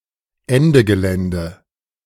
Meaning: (phrase) Indicating that something has ended; end of story; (proper noun) A civil disobedience movement occupying coal mines in Germany to raise awareness for climate justice
- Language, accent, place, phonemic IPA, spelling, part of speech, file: German, Germany, Berlin, /ˈɛndəˌɡəlɛndə/, Ende Gelände, phrase / proper noun, De-Ende Gelände.ogg